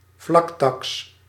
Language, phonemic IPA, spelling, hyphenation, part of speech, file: Dutch, /ˈvlɑk.tɑks/, vlaktaks, vlak‧taks, noun, Nl-vlaktaks.ogg
- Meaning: flat tax (proportional tax, with a single constant rate for all payers)